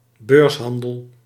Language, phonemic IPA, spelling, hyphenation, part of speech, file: Dutch, /ˈbøːrsˌɦɑn.dəl/, beurshandel, beurs‧han‧del, noun, Nl-beurshandel.ogg
- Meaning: exchange trading, stock trade